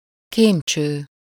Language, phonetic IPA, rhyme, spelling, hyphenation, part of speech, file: Hungarian, [ˈkeːmt͡ʃøː], -t͡ʃøː, kémcső, kém‧cső, noun, Hu-kémcső.ogg
- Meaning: test tube (a glass tube, rounded at one end and open at the other; used for small-scale laboratory tests)